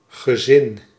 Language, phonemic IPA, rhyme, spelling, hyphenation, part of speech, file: Dutch, /ɣəˈzɪn/, -ɪn, gezin, ge‧zin, noun, Nl-gezin.ogg
- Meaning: 1. immediate family or nuclear family 2. entourage, retinue